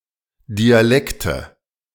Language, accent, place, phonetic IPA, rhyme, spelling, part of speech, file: German, Germany, Berlin, [diaˈlɛktə], -ɛktə, Dialekte, noun, De-Dialekte.ogg
- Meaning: nominative/accusative/genitive plural of Dialekt "dialects"